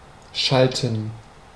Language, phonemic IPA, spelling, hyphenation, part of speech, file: German, /ˈʃaltən/, schalten, schal‧ten, verb, De-schalten.ogg
- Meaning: 1. to switch 2. to shift gears 3. to connect 4. to issue, run, post an advertisement 5. to be on the ball (to be quick to understand and react to something sudden and/or unexpected)